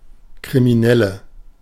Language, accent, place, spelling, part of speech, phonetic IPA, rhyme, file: German, Germany, Berlin, Kriminelle, noun, [kʁimiˈnɛlə], -ɛlə, De-Kriminelle.ogg
- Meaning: criminal (female)